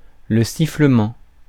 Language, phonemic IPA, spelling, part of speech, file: French, /si.flə.mɑ̃/, sifflement, noun, Fr-sifflement.ogg
- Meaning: 1. a whistling (action) 2. whistle (sound) 3. various hissing noises such as produced by a gush of wind, a diving bird or an air-piercing arrow (see sifflant)